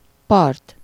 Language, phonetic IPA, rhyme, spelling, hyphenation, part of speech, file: Hungarian, [ˈpɒrt], -ɒrt, part, part, noun, Hu-part.ogg
- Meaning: shore, coast, bank, beach